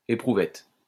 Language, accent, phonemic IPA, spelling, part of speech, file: French, France, /e.pʁu.vɛt/, éprouvette, noun, LL-Q150 (fra)-éprouvette.wav
- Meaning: 1. test tube 2. specimen